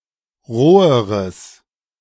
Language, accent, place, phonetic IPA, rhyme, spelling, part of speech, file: German, Germany, Berlin, [ˈʁoːəʁəs], -oːəʁəs, roheres, adjective, De-roheres.ogg
- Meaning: strong/mixed nominative/accusative neuter singular comparative degree of roh